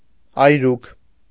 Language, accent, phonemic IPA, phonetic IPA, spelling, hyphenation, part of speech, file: Armenian, Eastern Armenian, /ɑjˈɾukʰ/, [ɑjɾúkʰ], այրուք, այ‧րուք, noun, Hy-այրուք.ogg
- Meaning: remains of a burnt object